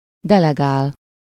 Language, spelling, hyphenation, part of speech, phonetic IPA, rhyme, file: Hungarian, delegál, de‧le‧gál, verb, [ˈdɛlɛɡaːl], -aːl, Hu-delegál.ogg
- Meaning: to delegate